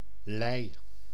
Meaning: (noun) 1. slate (material) 2. slate (object); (verb) singular past indicative of leggen
- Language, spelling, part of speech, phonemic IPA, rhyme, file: Dutch, lei, noun / verb, /lɛi̯/, -ɛi̯, Nl-lei.ogg